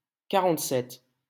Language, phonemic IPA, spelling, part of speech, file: French, /ka.ʁɑ̃t.sɛt/, quarante-sept, numeral, LL-Q150 (fra)-quarante-sept.wav
- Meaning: forty-seven